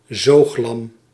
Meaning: a lamb that is still suckled
- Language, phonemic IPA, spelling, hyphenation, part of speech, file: Dutch, /ˈzoːx.lɑm/, zooglam, zoog‧lam, noun, Nl-zooglam.ogg